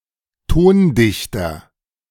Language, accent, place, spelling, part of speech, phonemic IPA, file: German, Germany, Berlin, Tondichter, noun, /ˈtoːnˌdɪçtɐ/, De-Tondichter.ogg
- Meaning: composer